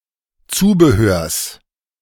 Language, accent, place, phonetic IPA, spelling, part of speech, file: German, Germany, Berlin, [ˈt͡suːbəˌhøːɐ̯s], Zubehörs, noun, De-Zubehörs.ogg
- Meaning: genitive singular of Zubehör